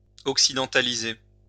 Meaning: to westernise
- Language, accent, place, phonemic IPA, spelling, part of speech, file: French, France, Lyon, /ɔk.si.dɑ̃.ta.li.ze/, occidentaliser, verb, LL-Q150 (fra)-occidentaliser.wav